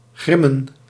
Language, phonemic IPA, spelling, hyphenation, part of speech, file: Dutch, /ˈɣrɪ.mə(n)/, grimmen, grim‧men, verb, Nl-grimmen.ogg
- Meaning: 1. to grimace 2. to growl, to roar